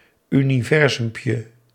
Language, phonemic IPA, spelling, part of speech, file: Dutch, /ˌyniˈvɛrzʏmpjə/, universumpje, noun, Nl-universumpje.ogg
- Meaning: diminutive of universum